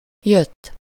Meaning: 1. third-person singular indicative past indefinite of jön 2. past participle of jön
- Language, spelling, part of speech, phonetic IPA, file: Hungarian, jött, verb, [ˈjøtː], Hu-jött.ogg